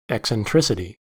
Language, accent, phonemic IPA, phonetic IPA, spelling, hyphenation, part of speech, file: English, US, /ˌɛk.sɛnˈtɹɪs.ɪ.ti/, [ˌɛk.sənˈtɹɪs.ə.ɾi], eccentricity, ec‧cen‧tric‧i‧ty, noun, En-us-eccentricity.ogg
- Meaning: 1. The quality of being eccentric or odd; any eccentric behaviour 2. The ratio, constant for any particular conic section, of the distance of a point from the focus to its distance from the directrix